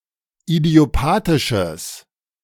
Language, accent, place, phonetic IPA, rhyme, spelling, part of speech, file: German, Germany, Berlin, [idi̯oˈpaːtɪʃəs], -aːtɪʃəs, idiopathisches, adjective, De-idiopathisches.ogg
- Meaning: strong/mixed nominative/accusative neuter singular of idiopathisch